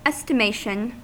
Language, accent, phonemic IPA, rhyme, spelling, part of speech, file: English, US, /ˌɛs.təˈmeɪ.ʃən/, -eɪʃən, estimation, noun, En-us-estimation.ogg
- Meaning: 1. The process of making an estimate 2. The amount, extent, position, size, or value reached in an estimate 3. Esteem or favourable regard